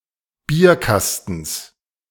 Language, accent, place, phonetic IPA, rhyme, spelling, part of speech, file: German, Germany, Berlin, [ˈbiːɐ̯ˌkastn̩s], -iːɐ̯kastn̩s, Bierkastens, noun, De-Bierkastens.ogg
- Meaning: genitive singular of Bierkasten